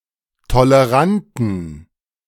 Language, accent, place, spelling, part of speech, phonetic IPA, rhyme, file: German, Germany, Berlin, toleranten, adjective, [toləˈʁantn̩], -antn̩, De-toleranten.ogg
- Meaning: inflection of tolerant: 1. strong genitive masculine/neuter singular 2. weak/mixed genitive/dative all-gender singular 3. strong/weak/mixed accusative masculine singular 4. strong dative plural